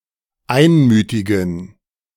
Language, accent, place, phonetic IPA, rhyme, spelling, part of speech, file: German, Germany, Berlin, [ˈaɪ̯nˌmyːtɪɡn̩], -aɪ̯nmyːtɪɡn̩, einmütigen, adjective, De-einmütigen.ogg
- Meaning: inflection of einmütig: 1. strong genitive masculine/neuter singular 2. weak/mixed genitive/dative all-gender singular 3. strong/weak/mixed accusative masculine singular 4. strong dative plural